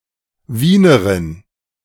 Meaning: Viennese (noun: female inhabitant)
- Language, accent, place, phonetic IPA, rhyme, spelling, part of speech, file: German, Germany, Berlin, [ˈviːnəʁɪn], -iːnəʁɪn, Wienerin, noun, De-Wienerin.ogg